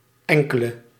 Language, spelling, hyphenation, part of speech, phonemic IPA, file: Dutch, enkele, en‧ke‧le, pronoun / adjective, /ˈɛŋ.kə.lə/, Nl-enkele.ogg
- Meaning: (pronoun) a few, some; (adjective) inflection of enkel: 1. masculine/feminine singular indefinite 2. plural indefinite 3. definite